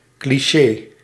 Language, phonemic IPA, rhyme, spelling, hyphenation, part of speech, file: Dutch, /kliˈʃeː/, -eː, cliché, cli‧ché, noun, Nl-cliché.ogg
- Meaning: 1. a cliché 2. an unoriginal work 3. a printing plate, a stereotype